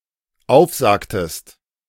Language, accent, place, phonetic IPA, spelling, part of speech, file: German, Germany, Berlin, [ˈaʊ̯fˌzaːktəst], aufsagtest, verb, De-aufsagtest.ogg
- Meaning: inflection of aufsagen: 1. second-person singular dependent preterite 2. second-person singular dependent subjunctive II